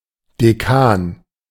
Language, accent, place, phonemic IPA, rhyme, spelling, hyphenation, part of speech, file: German, Germany, Berlin, /deˈkaːn/, -aːn, Decan, De‧can, noun, De-Decan.ogg
- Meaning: decane